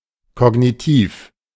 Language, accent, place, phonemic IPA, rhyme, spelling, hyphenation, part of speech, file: German, Germany, Berlin, /ˈkɔɡnitiːf/, -iːf, kognitiv, ko‧g‧ni‧tiv, adjective, De-kognitiv.ogg
- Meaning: cognitive (mental functions)